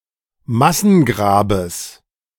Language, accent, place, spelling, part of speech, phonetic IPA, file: German, Germany, Berlin, Massengrabes, noun, [ˈmasn̩ˌɡʁaːbəs], De-Massengrabes.ogg
- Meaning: genitive singular of Massengrab